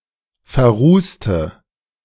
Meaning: inflection of verrußt: 1. strong/mixed nominative/accusative feminine singular 2. strong nominative/accusative plural 3. weak nominative all-gender singular 4. weak accusative feminine/neuter singular
- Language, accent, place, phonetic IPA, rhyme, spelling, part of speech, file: German, Germany, Berlin, [fɛɐ̯ˈʁuːstə], -uːstə, verrußte, adjective / verb, De-verrußte.ogg